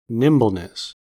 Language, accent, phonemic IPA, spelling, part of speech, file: English, US, /ˈnɪm.bəl.nɪs/, nimbleness, noun, En-us-nimbleness.ogg
- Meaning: The quality of being nimble